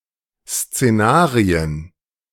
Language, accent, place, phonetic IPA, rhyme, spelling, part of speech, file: German, Germany, Berlin, [st͡seˈnaːʁiən], -aːʁiən, Szenarien, noun, De-Szenarien.ogg
- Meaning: plural of Szenario